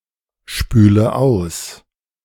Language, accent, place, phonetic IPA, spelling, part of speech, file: German, Germany, Berlin, [ˌʃpyːlə ˈaʊ̯s], spüle aus, verb, De-spüle aus.ogg
- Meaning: inflection of ausspülen: 1. first-person singular present 2. first/third-person singular subjunctive I 3. singular imperative